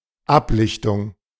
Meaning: photocopy
- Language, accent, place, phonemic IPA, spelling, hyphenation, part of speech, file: German, Germany, Berlin, /ˈaplɪçtʊŋ/, Ablichtung, Ab‧lich‧tung, noun, De-Ablichtung.ogg